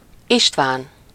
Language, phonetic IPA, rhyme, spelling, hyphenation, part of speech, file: Hungarian, [ˈiʃtvaːn], -aːn, István, Ist‧ván, proper noun, Hu-István.ogg
- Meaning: a male given name from Ancient Greek, equivalent to English Stephen